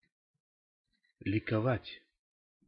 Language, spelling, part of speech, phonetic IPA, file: Russian, ликовать, verb, [lʲɪkɐˈvatʲ], Ru-ликовать.ogg
- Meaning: to rejoice (at, over), to triumph (over), to exult (at, in)